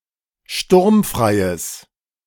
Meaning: strong/mixed nominative/accusative neuter singular of sturmfrei
- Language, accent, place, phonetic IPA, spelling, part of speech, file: German, Germany, Berlin, [ˈʃtʊʁmfʁaɪ̯əs], sturmfreies, adjective, De-sturmfreies.ogg